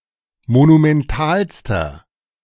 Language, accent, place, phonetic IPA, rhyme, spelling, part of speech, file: German, Germany, Berlin, [monumɛnˈtaːlstɐ], -aːlstɐ, monumentalster, adjective, De-monumentalster.ogg
- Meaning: inflection of monumental: 1. strong/mixed nominative masculine singular superlative degree 2. strong genitive/dative feminine singular superlative degree 3. strong genitive plural superlative degree